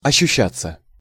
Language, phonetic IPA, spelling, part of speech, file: Russian, [ɐɕːʉˈɕːat͡sːə], ощущаться, verb, Ru-ощущаться.ogg
- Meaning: 1. to be felt, to be perceived 2. passive of ощуща́ть (oščuščátʹ)